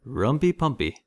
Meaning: Sex
- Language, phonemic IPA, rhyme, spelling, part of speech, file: English, /ɹʌmpi pʌmpi/, -ʌmpi, rumpy-pumpy, noun, En-us-rumpy pumpy.ogg